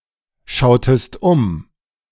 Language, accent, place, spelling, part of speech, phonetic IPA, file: German, Germany, Berlin, schautest um, verb, [ˌʃaʊ̯təst ˈʊm], De-schautest um.ogg
- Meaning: inflection of umschauen: 1. second-person singular preterite 2. second-person singular subjunctive II